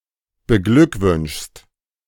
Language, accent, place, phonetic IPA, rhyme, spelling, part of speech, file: German, Germany, Berlin, [bəˈɡlʏkˌvʏnʃst], -ʏkvʏnʃst, beglückwünschst, verb, De-beglückwünschst.ogg
- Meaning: second-person singular present of beglückwünschen